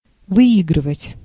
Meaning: 1. to win 2. to benefit, to gain
- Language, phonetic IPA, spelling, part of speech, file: Russian, [vɨˈiɡrɨvətʲ], выигрывать, verb, Ru-выигрывать.ogg